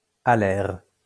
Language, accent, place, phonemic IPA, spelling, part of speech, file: French, France, Lyon, /a.lɛʁ/, alaire, adjective, LL-Q150 (fra)-alaire.wav
- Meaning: wing